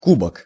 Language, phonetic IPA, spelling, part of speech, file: Russian, [ˈkubək], кубок, noun, Ru-кубок.ogg
- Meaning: 1. goblet, beaker, bowl (a large drinking vessel, usually having a stem and a foot, and often a lid) 2. cup (a trophy in the shape of an oversized cup)